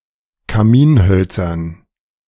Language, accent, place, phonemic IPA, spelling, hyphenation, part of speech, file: German, Germany, Berlin, /kaˈmiːnˌhœlt͡sɐn/, Kaminhölzern, Ka‧min‧höl‧zern, noun, De-Kaminhölzern.ogg
- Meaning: dative plural of Kaminholz